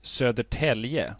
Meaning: a town in central Sweden, south of Stockholm
- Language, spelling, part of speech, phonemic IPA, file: Swedish, Södertälje, proper noun, /sœdɛˈʈɛlːjɛ/, Sv-Södertälje.ogg